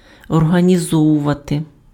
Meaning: to organise
- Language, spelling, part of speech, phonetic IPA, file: Ukrainian, організовувати, verb, [ɔrɦɐnʲiˈzɔwʊʋɐte], Uk-організовувати.ogg